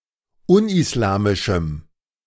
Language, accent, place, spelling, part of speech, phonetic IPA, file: German, Germany, Berlin, unislamischem, adjective, [ˈʊnʔɪsˌlaːmɪʃm̩], De-unislamischem.ogg
- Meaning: strong dative masculine/neuter singular of unislamisch